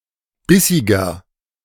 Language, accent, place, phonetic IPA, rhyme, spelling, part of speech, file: German, Germany, Berlin, [ˈbɪsɪɡɐ], -ɪsɪɡɐ, bissiger, adjective, De-bissiger.ogg
- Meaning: 1. comparative degree of bissig 2. inflection of bissig: strong/mixed nominative masculine singular 3. inflection of bissig: strong genitive/dative feminine singular